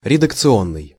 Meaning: editorial, (relational) drafting, (relational) editing
- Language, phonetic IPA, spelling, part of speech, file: Russian, [rʲɪdəkt͡sɨˈonːɨj], редакционный, adjective, Ru-редакционный.ogg